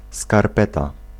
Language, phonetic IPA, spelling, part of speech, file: Polish, [skarˈpɛta], skarpeta, noun, Pl-skarpeta.ogg